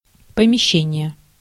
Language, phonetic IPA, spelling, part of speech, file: Russian, [pəmʲɪˈɕːenʲɪje], помещение, noun, Ru-помещение.ogg
- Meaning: 1. lodgement, premise(s), room, apartment, quarters 2. investment, location, placement